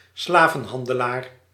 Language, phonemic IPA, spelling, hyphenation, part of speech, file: Dutch, /ˈslaː.və(n)ˌɦɑn.də.laːr/, slavenhandelaar, sla‧ven‧han‧de‧laar, noun, Nl-slavenhandelaar.ogg
- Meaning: slave trader